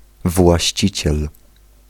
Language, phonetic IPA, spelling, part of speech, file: Polish, [vwaɕˈt͡ɕit͡ɕɛl], właściciel, noun, Pl-właściciel.ogg